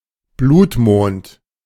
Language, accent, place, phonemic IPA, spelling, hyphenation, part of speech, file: German, Germany, Berlin, /ˈbluːtˌmoːnt/, Blutmond, Blut‧mond, noun, De-Blutmond.ogg
- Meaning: blood moon